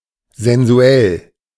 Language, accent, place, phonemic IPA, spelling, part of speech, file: German, Germany, Berlin, /zɛnzuˈɛl/, sensuell, adjective, De-sensuell.ogg
- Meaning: sensual, erotic